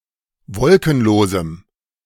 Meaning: strong dative masculine/neuter singular of wolkenlos
- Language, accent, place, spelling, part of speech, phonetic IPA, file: German, Germany, Berlin, wolkenlosem, adjective, [ˈvɔlkn̩ˌloːzm̩], De-wolkenlosem.ogg